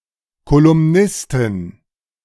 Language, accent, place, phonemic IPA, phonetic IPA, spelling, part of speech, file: German, Germany, Berlin, /kolʊmˈnɪstɪn/, [kʰolʊmˈnɪstɪn], Kolumnistin, noun, De-Kolumnistin.ogg
- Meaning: columnist (female)